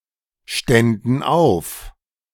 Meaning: first/third-person plural subjunctive II of aufstehen
- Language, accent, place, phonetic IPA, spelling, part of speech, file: German, Germany, Berlin, [ˌʃtɛndn̩ ˈaʊ̯f], ständen auf, verb, De-ständen auf.ogg